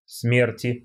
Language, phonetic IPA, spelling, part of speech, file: Russian, [ˈsmʲertʲɪ], смерти, noun, Ru-смерти.ogg
- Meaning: 1. genitive singular of смерть (smertʹ) 2. dative/prepositional singular of смерть (smertʹ) 3. nominative/accusative plural of смерть (smertʹ)